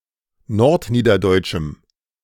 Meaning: strong dative masculine/neuter singular of nordniederdeutsch
- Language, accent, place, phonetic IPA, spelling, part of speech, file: German, Germany, Berlin, [ˈnɔʁtˌniːdɐdɔɪ̯t͡ʃm̩], nordniederdeutschem, adjective, De-nordniederdeutschem.ogg